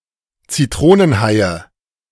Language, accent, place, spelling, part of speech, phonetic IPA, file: German, Germany, Berlin, Zitronenhaie, noun, [t͡siˈtʁoːnənˌhaɪ̯ə], De-Zitronenhaie.ogg
- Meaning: nominative/accusative/genitive plural of Zitronenhai